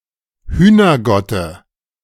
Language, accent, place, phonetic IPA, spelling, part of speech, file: German, Germany, Berlin, [ˈhyːnɐˌɡɔtə], Hühnergotte, noun, De-Hühnergotte.ogg
- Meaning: dative singular of Hühnergott